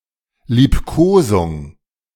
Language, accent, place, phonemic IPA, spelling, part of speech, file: German, Germany, Berlin, /ˈliːpkoːzʊŋ/, Liebkosung, noun, De-Liebkosung.ogg
- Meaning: caress; cuddle